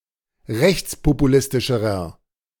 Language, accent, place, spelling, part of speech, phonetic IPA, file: German, Germany, Berlin, rechtspopulistischerer, adjective, [ˈʁɛçt͡spopuˌlɪstɪʃəʁɐ], De-rechtspopulistischerer.ogg
- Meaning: inflection of rechtspopulistisch: 1. strong/mixed nominative masculine singular comparative degree 2. strong genitive/dative feminine singular comparative degree